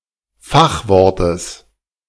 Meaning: genitive singular of Fachwort
- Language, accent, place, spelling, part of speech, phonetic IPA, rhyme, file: German, Germany, Berlin, Fachwortes, noun, [ˈfaxˌvɔʁtəs], -axvɔʁtəs, De-Fachwortes.ogg